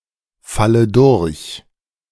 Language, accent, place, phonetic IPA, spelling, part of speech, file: German, Germany, Berlin, [ˌfalə ˈdʊʁç], falle durch, verb, De-falle durch.ogg
- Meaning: inflection of durchfallen: 1. first-person singular present 2. first/third-person singular subjunctive I 3. singular imperative